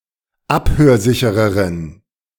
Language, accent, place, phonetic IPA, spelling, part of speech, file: German, Germany, Berlin, [ˈaphøːɐ̯ˌzɪçəʁəʁən], abhörsichereren, adjective, De-abhörsichereren.ogg
- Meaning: inflection of abhörsicher: 1. strong genitive masculine/neuter singular comparative degree 2. weak/mixed genitive/dative all-gender singular comparative degree